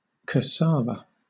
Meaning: 1. Manioc (Manihot esculenta), a tropical plant which is the source of tapioca 2. The root of this plant 3. Tapioca, a starchy pulp made with manioc roots
- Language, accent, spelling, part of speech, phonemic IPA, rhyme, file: English, Southern England, cassava, noun, /kəˈsɑː.və/, -ɑːvə, LL-Q1860 (eng)-cassava.wav